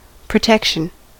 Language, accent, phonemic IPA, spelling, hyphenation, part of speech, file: English, US, /pɹəˈtɛkʃn̩/, protection, pro‧tec‧tion, noun, En-us-protection.ogg
- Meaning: 1. The process of keeping (something or someone) safe 2. The state of being safe 3. A means of keeping or remaining safe